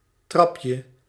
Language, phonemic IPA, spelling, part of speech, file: Dutch, /ˈtrɑpjə/, trapje, noun, Nl-trapje.ogg
- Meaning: diminutive of trap